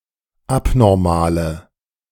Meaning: inflection of abnormal: 1. strong/mixed nominative/accusative feminine singular 2. strong nominative/accusative plural 3. weak nominative all-gender singular
- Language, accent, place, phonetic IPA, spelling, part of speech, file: German, Germany, Berlin, [ˈapnɔʁmaːlə], abnormale, adjective, De-abnormale.ogg